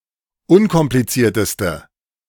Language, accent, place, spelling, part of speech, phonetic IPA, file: German, Germany, Berlin, unkomplizierteste, adjective, [ˈʊnkɔmplit͡siːɐ̯təstə], De-unkomplizierteste.ogg
- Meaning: inflection of unkompliziert: 1. strong/mixed nominative/accusative feminine singular superlative degree 2. strong nominative/accusative plural superlative degree